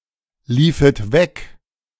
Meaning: second-person plural subjunctive II of weglaufen
- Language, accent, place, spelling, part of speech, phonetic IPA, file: German, Germany, Berlin, liefet weg, verb, [ˌliːfət ˈvɛk], De-liefet weg.ogg